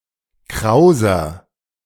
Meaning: 1. comparative degree of kraus 2. inflection of kraus: strong/mixed nominative masculine singular 3. inflection of kraus: strong genitive/dative feminine singular
- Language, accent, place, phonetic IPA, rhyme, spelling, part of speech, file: German, Germany, Berlin, [ˈkʁaʊ̯zɐ], -aʊ̯zɐ, krauser, adjective, De-krauser.ogg